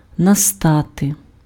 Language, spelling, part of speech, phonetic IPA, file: Ukrainian, настати, verb, [nɐˈstate], Uk-настати.ogg
- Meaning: 1. to come, to begin (period of time) 2. to fall, to descend, to come (silence, night, evening, darkness)